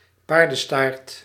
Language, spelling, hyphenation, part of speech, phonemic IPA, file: Dutch, paardenstaart, paar‧den‧staart, noun, /ˈpaːr.də(n)ˌstaːrt/, Nl-paardenstaart.ogg
- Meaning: 1. a horse's tail 2. a ponytail (hairstyle) 3. a horsetail (plant of the genus Equisetum)